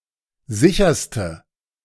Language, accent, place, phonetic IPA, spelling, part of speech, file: German, Germany, Berlin, [ˈzɪçɐstə], sicherste, adjective, De-sicherste.ogg
- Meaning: inflection of sicher: 1. strong/mixed nominative/accusative feminine singular superlative degree 2. strong nominative/accusative plural superlative degree